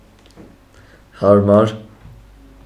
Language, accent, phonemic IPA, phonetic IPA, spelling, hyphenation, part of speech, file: Armenian, Eastern Armenian, /hɑɾˈmɑɾ/, [hɑɾmɑ́ɾ], հարմար, հար‧մար, adjective / adverb, Hy-հարմար.ogg
- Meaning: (adjective) comfortable, convenient; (adverb) comfortably, conveniently